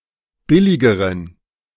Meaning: inflection of billig: 1. strong genitive masculine/neuter singular comparative degree 2. weak/mixed genitive/dative all-gender singular comparative degree
- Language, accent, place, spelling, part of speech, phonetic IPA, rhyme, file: German, Germany, Berlin, billigeren, adjective, [ˈbɪlɪɡəʁən], -ɪlɪɡəʁən, De-billigeren.ogg